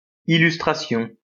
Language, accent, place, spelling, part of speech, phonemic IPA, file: French, France, Lyon, illustration, noun, /i.lys.tʁa.sjɔ̃/, LL-Q150 (fra)-illustration.wav
- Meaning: 1. illustration 2. photo, picture 3. illustrious or celebrated one